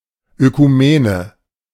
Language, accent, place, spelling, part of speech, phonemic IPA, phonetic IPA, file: German, Germany, Berlin, Ökumene, noun, /økuˈmeːnə/, [ʔøkʰuˈmeːnə], De-Ökumene.ogg
- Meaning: ecumenism